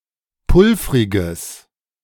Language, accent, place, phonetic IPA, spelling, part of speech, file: German, Germany, Berlin, [ˈpʊlfʁɪɡəs], pulvriges, adjective, De-pulvriges.ogg
- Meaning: strong/mixed nominative/accusative neuter singular of pulvrig